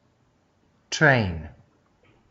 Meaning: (noun) Elongated or trailing portion.: The elongated back portion of a dress or skirt (or an ornamental piece of material added to similar effect), which drags along the ground
- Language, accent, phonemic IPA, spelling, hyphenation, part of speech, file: English, Australia, /ˈtɹæɪ̯n/, train, train, noun / verb, Train.wav